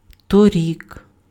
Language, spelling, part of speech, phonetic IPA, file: Ukrainian, торік, adverb, [toˈrʲik], Uk-торік.ogg
- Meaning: last year